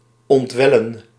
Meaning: 1. to well, to spring 2. to start to flow
- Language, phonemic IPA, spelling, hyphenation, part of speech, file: Dutch, /ˌɔntˈʋɛ.lə(n)/, ontwellen, ont‧wel‧len, verb, Nl-ontwellen.ogg